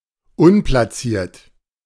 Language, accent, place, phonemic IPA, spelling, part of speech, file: German, Germany, Berlin, /ˈʊnplasiːɐ̯t/, unplaciert, adjective, De-unplaciert.ogg
- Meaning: unplaced